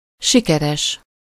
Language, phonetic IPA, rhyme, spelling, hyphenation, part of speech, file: Hungarian, [ˈʃikɛrɛʃ], -ɛʃ, sikeres, si‧ke‧res, adjective, Hu-sikeres.ogg
- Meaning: 1. successful 2. having high gluten content (e.g. about wheat) 3. gooey, sticky